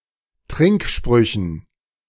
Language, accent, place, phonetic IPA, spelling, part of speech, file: German, Germany, Berlin, [ˈtʁɪŋkˌʃpʁʏçn̩], Trinksprüchen, noun, De-Trinksprüchen.ogg
- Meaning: dative plural of Trinkspruch